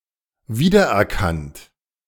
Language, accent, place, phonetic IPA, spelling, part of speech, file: German, Germany, Berlin, [ˈviːdɐʔɛɐ̯ˌkant], wiedererkannt, verb, De-wiedererkannt.ogg
- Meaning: past participle of wiedererkennen